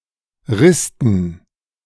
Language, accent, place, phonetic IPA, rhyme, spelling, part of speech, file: German, Germany, Berlin, [ˈʁɪstn̩], -ɪstn̩, Risten, noun, De-Risten.ogg
- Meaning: dative plural of Rist